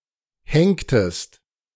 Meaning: inflection of henken: 1. second-person singular preterite 2. second-person singular subjunctive II
- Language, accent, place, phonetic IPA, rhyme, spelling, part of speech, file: German, Germany, Berlin, [ˈhɛŋktəst], -ɛŋktəst, henktest, verb, De-henktest.ogg